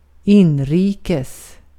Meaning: in or pertaining to the home country, at home, domestic, national
- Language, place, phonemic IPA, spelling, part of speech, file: Swedish, Gotland, /²ɪnˌriːkɛs/, inrikes, adverb, Sv-inrikes.ogg